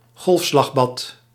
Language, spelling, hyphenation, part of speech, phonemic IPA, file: Dutch, golfslagbad, golf‧slag‧bad, noun, /ˈɣɔlf.slɑxˌbɑt/, Nl-golfslagbad.ogg
- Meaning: a wave pool, a swimming pool with an installation to artificially create large waves